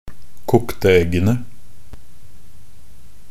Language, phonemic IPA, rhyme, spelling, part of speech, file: Norwegian Bokmål, /ˈkʊktə ɛɡːənə/, -ənə, kokte eggene, noun, Nb-kokte eggene.ogg
- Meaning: definite plural of kokt egg